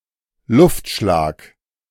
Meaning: air strike
- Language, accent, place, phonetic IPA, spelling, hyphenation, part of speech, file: German, Germany, Berlin, [ˈlʊftˌʃlaːk], Luftschlag, Luft‧schlag, noun, De-Luftschlag.ogg